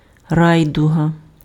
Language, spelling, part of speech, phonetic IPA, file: Ukrainian, райдуга, noun, [ˈrai̯dʊɦɐ], Uk-райдуга.ogg
- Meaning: rainbow